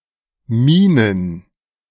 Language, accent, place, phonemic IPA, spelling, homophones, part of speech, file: German, Germany, Berlin, /ˈmiːnən/, Mienen, Minen, noun, De-Mienen.ogg
- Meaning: plural of Miene